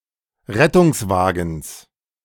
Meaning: genitive singular of Rettungswagen
- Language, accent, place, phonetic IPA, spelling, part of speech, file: German, Germany, Berlin, [ˈʁɛtʊŋsˌvaːɡn̩s], Rettungswagens, noun, De-Rettungswagens.ogg